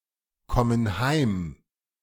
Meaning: inflection of heimkommen: 1. first/third-person plural present 2. first/third-person plural subjunctive I
- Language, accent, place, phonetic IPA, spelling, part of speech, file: German, Germany, Berlin, [ˌkɔmən ˈhaɪ̯m], kommen heim, verb, De-kommen heim.ogg